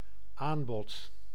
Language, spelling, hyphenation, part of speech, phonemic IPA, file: Dutch, aanbod, aan‧bod, noun, /ˈaːn.bɔt/, Nl-aanbod.ogg
- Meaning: 1. offer 2. supply